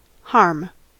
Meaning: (noun) 1. Physical injury; hurt; damage 2. Emotional or figurative hurt 3. Detriment; misfortune 4. That which causes injury, damage, or loss
- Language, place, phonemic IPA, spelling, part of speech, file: English, California, /hɑɹm/, harm, noun / verb, En-us-harm.ogg